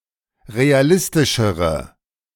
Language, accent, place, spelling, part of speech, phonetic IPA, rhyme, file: German, Germany, Berlin, realistischere, adjective, [ʁeaˈlɪstɪʃəʁə], -ɪstɪʃəʁə, De-realistischere.ogg
- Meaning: inflection of realistisch: 1. strong/mixed nominative/accusative feminine singular comparative degree 2. strong nominative/accusative plural comparative degree